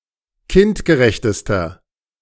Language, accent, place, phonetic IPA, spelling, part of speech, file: German, Germany, Berlin, [ˈkɪntɡəˌʁɛçtəstɐ], kindgerechtester, adjective, De-kindgerechtester.ogg
- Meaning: inflection of kindgerecht: 1. strong/mixed nominative masculine singular superlative degree 2. strong genitive/dative feminine singular superlative degree 3. strong genitive plural superlative degree